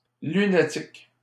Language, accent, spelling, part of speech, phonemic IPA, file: French, Canada, lunatique, adjective / noun, /ly.na.tik/, LL-Q150 (fra)-lunatique.wav
- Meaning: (adjective) moody; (noun) lunatic